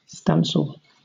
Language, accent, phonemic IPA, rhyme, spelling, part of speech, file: English, Southern England, /ˈstæn.səl/, -ænsəl, Stancel, proper noun, LL-Q1860 (eng)-Stancel.wav
- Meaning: 1. A surname 2. A male given name transferred from the surname